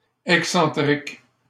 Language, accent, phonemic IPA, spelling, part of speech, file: French, Canada, /ɛk.sɑ̃.tʁik/, excentrique, adjective, LL-Q150 (fra)-excentrique.wav
- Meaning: 1. eccentric (away from the centre) 2. eccentric (not having the same centre) 3. eccentric (characterized by unusual behaviour), oddball